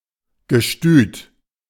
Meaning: stud farm
- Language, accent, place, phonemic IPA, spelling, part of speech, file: German, Germany, Berlin, /ɡəˈʃtyːt/, Gestüt, noun, De-Gestüt.ogg